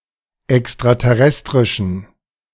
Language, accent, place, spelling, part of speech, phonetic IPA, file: German, Germany, Berlin, extraterrestrischen, adjective, [ɛkstʁatɛˈʁɛstʁɪʃn̩], De-extraterrestrischen.ogg
- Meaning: inflection of extraterrestrisch: 1. strong genitive masculine/neuter singular 2. weak/mixed genitive/dative all-gender singular 3. strong/weak/mixed accusative masculine singular